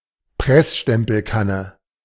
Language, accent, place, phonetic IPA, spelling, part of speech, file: German, Germany, Berlin, [ˈpʁɛsʃtɛmpl̩ˌkanə], Pressstempelkanne, noun, De-Pressstempelkanne.ogg
- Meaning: cafetière